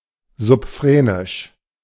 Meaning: subphrenic
- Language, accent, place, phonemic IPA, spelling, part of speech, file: German, Germany, Berlin, /zʊpˈfʁeːnɪʃ/, subphrenisch, adjective, De-subphrenisch.ogg